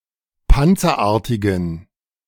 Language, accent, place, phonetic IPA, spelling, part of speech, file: German, Germany, Berlin, [ˈpant͡sɐˌʔaːɐ̯tɪɡn̩], panzerartigen, adjective, De-panzerartigen.ogg
- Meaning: inflection of panzerartig: 1. strong genitive masculine/neuter singular 2. weak/mixed genitive/dative all-gender singular 3. strong/weak/mixed accusative masculine singular 4. strong dative plural